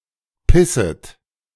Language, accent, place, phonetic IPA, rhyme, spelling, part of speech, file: German, Germany, Berlin, [ˈpɪsət], -ɪsət, pisset, verb, De-pisset.ogg
- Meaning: second-person plural subjunctive I of pissen